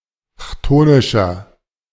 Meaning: inflection of chthonisch: 1. strong/mixed nominative masculine singular 2. strong genitive/dative feminine singular 3. strong genitive plural
- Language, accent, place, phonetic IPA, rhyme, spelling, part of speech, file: German, Germany, Berlin, [ˈçtoːnɪʃɐ], -oːnɪʃɐ, chthonischer, adjective, De-chthonischer.ogg